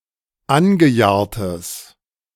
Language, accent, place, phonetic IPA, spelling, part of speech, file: German, Germany, Berlin, [ˈanɡəˌjaːɐ̯təs], angejahrtes, adjective, De-angejahrtes.ogg
- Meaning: strong/mixed nominative/accusative neuter singular of angejahrt